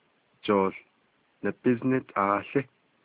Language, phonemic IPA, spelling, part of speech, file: Navajo, /t͡ʃòːɬ nɑ̀bɪ́znɪ́tʰɑ̀ːɬɪ́/, jooł nabíznítaałí, noun, Nv-jooł nabíznítaałí.ogg
- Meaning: soccer (association football)